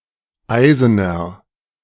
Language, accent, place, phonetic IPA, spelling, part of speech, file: German, Germany, Berlin, [ˈaɪ̯zənɐ], eisener, adjective, De-eisener.ogg
- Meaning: inflection of eisen: 1. strong/mixed nominative masculine singular 2. strong genitive/dative feminine singular 3. strong genitive plural